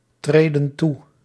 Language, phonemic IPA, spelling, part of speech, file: Dutch, /ˈtredə(n) ˈtu/, treden toe, verb, Nl-treden toe.ogg
- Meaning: inflection of toetreden: 1. plural present indicative 2. plural present subjunctive